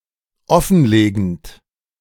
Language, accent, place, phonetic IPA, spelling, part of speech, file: German, Germany, Berlin, [ˈɔfn̩ˌleːɡn̩t], offenlegend, verb, De-offenlegend.ogg
- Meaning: present participle of offenlegen